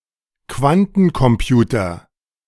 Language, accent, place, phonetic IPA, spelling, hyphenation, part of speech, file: German, Germany, Berlin, [ˈkvantn̩kɔmˌpjuːtɐ], Quantencomputer, Quan‧ten‧com‧pu‧ter, noun, De-Quantencomputer.ogg
- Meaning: quantum computer